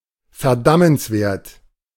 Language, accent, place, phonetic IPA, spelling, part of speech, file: German, Germany, Berlin, [fɛɐ̯ˈdamənsˌveːɐ̯t], verdammenswert, adjective, De-verdammenswert.ogg
- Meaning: blameworthy, damnable, culpable